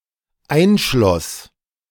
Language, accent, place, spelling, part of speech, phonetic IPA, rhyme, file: German, Germany, Berlin, einschloss, verb, [ˈaɪ̯nˌʃlɔs], -aɪ̯nʃlɔs, De-einschloss.ogg
- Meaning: first/third-person singular dependent preterite of einschließen